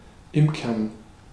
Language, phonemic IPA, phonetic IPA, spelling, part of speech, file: German, /ˈɪmkəʁn/, [ˈʔɪmkɐn], imkern, verb, De-imkern.ogg
- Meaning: to keep bees